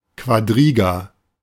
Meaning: quadriga
- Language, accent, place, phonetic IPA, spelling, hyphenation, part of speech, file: German, Germany, Berlin, [kvaˈdʁiːɡa], Quadriga, Qua‧dri‧ga, noun, De-Quadriga.ogg